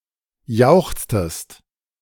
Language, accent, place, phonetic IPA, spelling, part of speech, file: German, Germany, Berlin, [ˈjaʊ̯xt͡stəst], jauchztest, verb, De-jauchztest.ogg
- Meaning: inflection of jauchzen: 1. second-person singular preterite 2. second-person singular subjunctive II